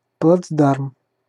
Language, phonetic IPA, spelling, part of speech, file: Russian, [pɫɐd͡zˈdarm], плацдарм, noun, Ru-плацдарм.ogg
- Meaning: 1. bridgehead, parade ground, foothold 2. springboard, stepping stone